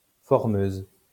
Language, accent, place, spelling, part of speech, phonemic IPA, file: French, France, Lyon, formeuse, noun, /fɔʁ.møz/, LL-Q150 (fra)-formeuse.wav
- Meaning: former